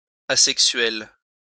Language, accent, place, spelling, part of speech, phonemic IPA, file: French, France, Lyon, asexuel, adjective, /a.sɛk.sɥɛl/, LL-Q150 (fra)-asexuel.wav
- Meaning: asexual